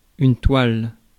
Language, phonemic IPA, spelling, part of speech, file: French, /twal/, toile, noun, Fr-toile.ogg
- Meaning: 1. fabric, cloth; canvas 2. painting (artwork) 3. web 4. alternative letter-case form of Toile 5. plain weave